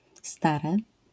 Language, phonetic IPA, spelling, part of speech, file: Polish, [ˈstarɛ], stare, adjective / noun, LL-Q809 (pol)-stare.wav